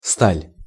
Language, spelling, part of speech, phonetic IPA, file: Russian, сталь, noun, [stalʲ], Ru-сталь.ogg
- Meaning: steel